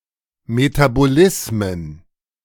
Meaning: plural of Metabolismus
- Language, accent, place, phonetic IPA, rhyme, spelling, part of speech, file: German, Germany, Berlin, [metaboˈlɪsmən], -ɪsmən, Metabolismen, noun, De-Metabolismen.ogg